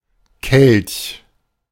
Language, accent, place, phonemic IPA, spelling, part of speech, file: German, Germany, Berlin, /kɛlç/, Kelch, noun, De-Kelch.ogg
- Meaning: 1. chalice (large, often precious drinking cup with a stem) 2. the chalice used for the Eucharist; (also biblical) the cup by which Jesus alludes to his crucifixion (e.g. Matthew 20:22) 3. calyx